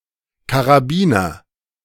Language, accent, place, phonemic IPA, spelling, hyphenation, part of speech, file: German, Germany, Berlin, /kaʁaˈbiːnɐ/, Karabiner, Ka‧ra‧bi‧ner, noun, De-Karabiner.ogg
- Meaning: 1. carbine 2. ellipsis of Karabinerhaken (“carabiner, kind of hook”)